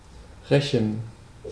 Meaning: 1. to revenge; to avenge 2. to take revenge; to avenge oneself
- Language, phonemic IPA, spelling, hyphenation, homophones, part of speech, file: German, /ˈʁɛçən/, rächen, rä‧chen, Rechen, verb, De-rächen.ogg